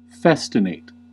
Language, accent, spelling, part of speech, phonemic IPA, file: English, US, festinate, verb, /ˈfɛs.tɪˌneɪt/, En-us-festinate.ogg
- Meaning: 1. To become involuntarily quicker, such as when walking or speaking, due to certain disorders 2. To hurry, make haste 3. To accelerate, quicken, hasten, hurry (something or someone)